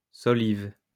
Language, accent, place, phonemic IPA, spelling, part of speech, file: French, France, Lyon, /sɔ.liv/, solive, noun, LL-Q150 (fra)-solive.wav
- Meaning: balk, joist